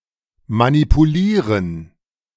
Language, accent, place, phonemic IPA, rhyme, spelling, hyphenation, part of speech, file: German, Germany, Berlin, /manipuˈliːʁən/, -iːʁən, manipulieren, ma‧ni‧pu‧lie‧ren, verb, De-manipulieren.ogg
- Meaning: to manipulate